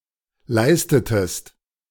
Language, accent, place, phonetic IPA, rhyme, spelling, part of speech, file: German, Germany, Berlin, [ˈlaɪ̯stətəst], -aɪ̯stətəst, leistetest, verb, De-leistetest.ogg
- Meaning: inflection of leisten: 1. second-person singular preterite 2. second-person singular subjunctive II